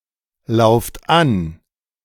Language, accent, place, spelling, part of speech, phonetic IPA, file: German, Germany, Berlin, lauft an, verb, [ˌlaʊ̯ft ˈan], De-lauft an.ogg
- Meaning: inflection of anlaufen: 1. second-person plural present 2. plural imperative